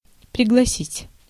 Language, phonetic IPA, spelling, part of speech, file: Russian, [prʲɪɡɫɐˈsʲitʲ], пригласить, verb, Ru-пригласить.ogg
- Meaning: to invite